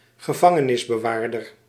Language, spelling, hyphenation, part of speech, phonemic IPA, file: Dutch, gevangenisbewaarder, ge‧van‧ge‧nis‧be‧waar‧der, noun, /ɣəˈvɑ.ŋə.nɪs.bəˌʋaːr.dər/, Nl-gevangenisbewaarder.ogg
- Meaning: prison guard, warden, jailor